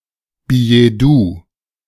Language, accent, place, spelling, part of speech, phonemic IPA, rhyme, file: German, Germany, Berlin, Billetdoux, noun, /bijɛˈduː/, -uː, De-Billetdoux.ogg
- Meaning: billet-doux